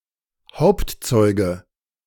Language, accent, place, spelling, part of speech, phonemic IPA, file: German, Germany, Berlin, Hauptzeuge, noun, /ˈhaʊ̯ptˌtsɔʏ̯ɡə/, De-Hauptzeuge.ogg
- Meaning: star witness (principal witness)